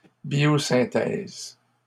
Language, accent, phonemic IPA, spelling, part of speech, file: French, Canada, /bjo.sɛ̃.tɛz/, biosynthèse, noun, LL-Q150 (fra)-biosynthèse.wav
- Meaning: biosynthesis